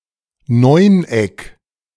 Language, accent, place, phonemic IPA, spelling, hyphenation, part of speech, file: German, Germany, Berlin, /ˈnɔɪ̯nˌ.ɛk/, Neuneck, Neun‧eck, noun, De-Neuneck.ogg
- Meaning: nonagon